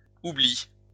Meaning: second-person singular present indicative/subjunctive of oublier
- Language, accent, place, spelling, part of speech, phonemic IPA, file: French, France, Lyon, oublies, verb, /u.bli/, LL-Q150 (fra)-oublies.wav